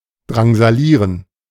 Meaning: to harass, torment
- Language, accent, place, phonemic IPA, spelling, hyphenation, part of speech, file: German, Germany, Berlin, /dʁaŋzaˈliːʁən/, drangsalieren, drang‧sa‧lie‧ren, verb, De-drangsalieren.ogg